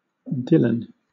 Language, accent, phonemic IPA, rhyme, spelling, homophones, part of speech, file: English, Southern England, /ˈdɪlən/, -ɪlən, Dylan, Dillon, proper noun, LL-Q1860 (eng)-Dylan.wav
- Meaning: 1. A male given name from Welsh 2. A female given name 3. A surname